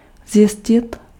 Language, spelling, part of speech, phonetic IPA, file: Czech, zjistit, verb, [ˈzjɪscɪt], Cs-zjistit.ogg
- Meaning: to find out, to ascertain